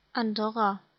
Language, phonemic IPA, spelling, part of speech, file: German, /anˈdɔʁa/, Andorra, proper noun, De-Andorra.ogg
- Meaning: Andorra (a microstate in Southern Europe, between Spain and France)